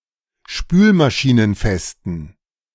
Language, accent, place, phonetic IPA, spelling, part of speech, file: German, Germany, Berlin, [ˈʃpyːlmaʃiːnənˌfɛstn̩], spülmaschinenfesten, adjective, De-spülmaschinenfesten.ogg
- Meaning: inflection of spülmaschinenfest: 1. strong genitive masculine/neuter singular 2. weak/mixed genitive/dative all-gender singular 3. strong/weak/mixed accusative masculine singular